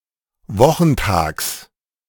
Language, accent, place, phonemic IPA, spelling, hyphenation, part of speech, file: German, Germany, Berlin, /ˈvɔxŋ̍taːks/, wochentags, wo‧chen‧tags, adverb, De-wochentags.ogg
- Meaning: on weekdays (including Saturdays)